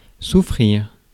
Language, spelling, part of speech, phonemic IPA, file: French, souffrir, verb, /su.fʁiʁ/, Fr-souffrir.ogg
- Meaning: 1. to suffer 2. to endure